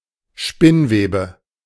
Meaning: cobweb; spiderweb; especially old, unused ones as dirt
- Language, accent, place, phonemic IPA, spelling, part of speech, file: German, Germany, Berlin, /ˈʃpɪnˌveːbə/, Spinnwebe, noun, De-Spinnwebe.ogg